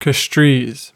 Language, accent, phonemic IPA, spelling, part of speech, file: English, US, /ˈkæstɹiːz/, Castries, proper noun, En-us-Castries.ogg
- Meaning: The capital city of Saint Lucia